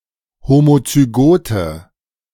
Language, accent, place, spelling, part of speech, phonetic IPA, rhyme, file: German, Germany, Berlin, homozygote, adjective, [ˌhomot͡syˈɡoːtə], -oːtə, De-homozygote.ogg
- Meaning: inflection of homozygot: 1. strong/mixed nominative/accusative feminine singular 2. strong nominative/accusative plural 3. weak nominative all-gender singular